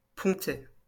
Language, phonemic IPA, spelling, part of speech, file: French, /pɔ̃.tɛ/, pontet, noun, LL-Q150 (fra)-pontet.wav
- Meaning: 1. small bridge 2. trigger guard